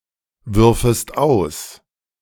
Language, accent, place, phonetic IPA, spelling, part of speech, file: German, Germany, Berlin, [ˌvʏʁfəst ˈaʊ̯s], würfest aus, verb, De-würfest aus.ogg
- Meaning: second-person singular subjunctive II of auswerfen